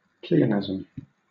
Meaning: 1. Redundancy in wording 2. A phrase involving pleonasm; a phrase containing one or more words which are redundant because their meaning is expressed elsewhere in the phrase
- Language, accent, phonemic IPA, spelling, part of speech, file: English, Southern England, /ˈpliː.əˌnæz.əm/, pleonasm, noun, LL-Q1860 (eng)-pleonasm.wav